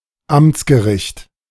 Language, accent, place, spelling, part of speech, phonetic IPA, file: German, Germany, Berlin, Amtsgericht, noun, [ˈamt͡sɡəˌʁɪçt], De-Amtsgericht.ogg
- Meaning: local / district court